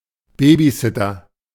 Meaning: babysitter
- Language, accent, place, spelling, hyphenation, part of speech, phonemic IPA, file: German, Germany, Berlin, Babysitter, Ba‧by‧sit‧ter, noun, /ˈbeːbiˌsɪtɐ/, De-Babysitter.ogg